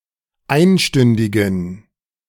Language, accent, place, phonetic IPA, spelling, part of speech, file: German, Germany, Berlin, [ˈaɪ̯nˌʃtʏndɪɡn̩], einstündigen, adjective, De-einstündigen.ogg
- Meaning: inflection of einstündig: 1. strong genitive masculine/neuter singular 2. weak/mixed genitive/dative all-gender singular 3. strong/weak/mixed accusative masculine singular 4. strong dative plural